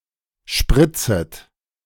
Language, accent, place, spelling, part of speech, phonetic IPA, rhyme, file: German, Germany, Berlin, spritzet, verb, [ˈʃpʁɪt͡sət], -ɪt͡sət, De-spritzet.ogg
- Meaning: second-person plural subjunctive I of spritzen